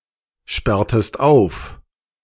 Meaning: inflection of aufsperren: 1. second-person singular preterite 2. second-person singular subjunctive II
- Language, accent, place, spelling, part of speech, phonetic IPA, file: German, Germany, Berlin, sperrtest auf, verb, [ˌʃpɛʁtəst ˈaʊ̯f], De-sperrtest auf.ogg